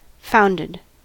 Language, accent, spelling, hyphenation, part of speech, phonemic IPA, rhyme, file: English, US, founded, found‧ed, verb / adjective, /ˈfaʊndɪd/, -aʊndɪd, En-us-founded.ogg
- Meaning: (verb) 1. simple past and past participle of found 2. simple past and past participle of find; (adjective) Having a basis